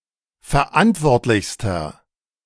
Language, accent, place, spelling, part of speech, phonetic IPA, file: German, Germany, Berlin, verantwortlichster, adjective, [fɛɐ̯ˈʔantvɔʁtlɪçstɐ], De-verantwortlichster.ogg
- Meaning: inflection of verantwortlich: 1. strong/mixed nominative masculine singular superlative degree 2. strong genitive/dative feminine singular superlative degree